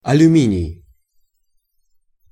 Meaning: aluminium, aluminum
- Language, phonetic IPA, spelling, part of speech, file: Russian, [ɐlʲʉˈmʲinʲɪj], алюминий, noun, Ru-алюминий.ogg